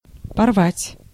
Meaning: 1. to tear (rend) 2. to tear apart 3. to tear out 4. to break off (a relationship) 5. to break
- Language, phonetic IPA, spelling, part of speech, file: Russian, [pɐrˈvatʲ], порвать, verb, Ru-порвать.ogg